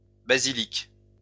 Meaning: plural of basilique
- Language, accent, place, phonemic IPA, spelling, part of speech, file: French, France, Lyon, /ba.zi.lik/, basiliques, noun, LL-Q150 (fra)-basiliques.wav